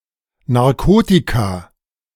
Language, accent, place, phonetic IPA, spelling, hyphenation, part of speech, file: German, Germany, Berlin, [naʁˈkoːtika], Narkotika, Nar‧ko‧ti‧ka, noun, De-Narkotika.ogg
- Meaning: plural of Narkotikum